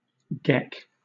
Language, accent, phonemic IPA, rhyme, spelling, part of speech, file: English, Southern England, /ɡɛk/, -ɛk, geck, noun / verb, LL-Q1860 (eng)-geck.wav
- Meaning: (noun) Fool; idiot; imbecile; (verb) 1. To jeer or mock; to show contempt for 2. To toss (one's head) scornfully; to look (at) derisively or disdainfully